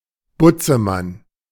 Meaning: bogeyman
- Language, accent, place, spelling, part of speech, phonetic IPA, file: German, Germany, Berlin, Butzemann, noun, [ˈbʊt͡səˌman], De-Butzemann.ogg